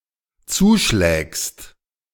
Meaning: second-person singular dependent present of zuschlagen
- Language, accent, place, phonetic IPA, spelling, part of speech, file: German, Germany, Berlin, [ˈt͡suːˌʃlɛːkst], zuschlägst, verb, De-zuschlägst.ogg